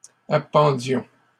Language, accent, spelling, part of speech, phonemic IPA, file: French, Canada, appendions, verb, /a.pɑ̃.djɔ̃/, LL-Q150 (fra)-appendions.wav
- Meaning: inflection of appendre: 1. first-person plural imperfect indicative 2. first-person plural present subjunctive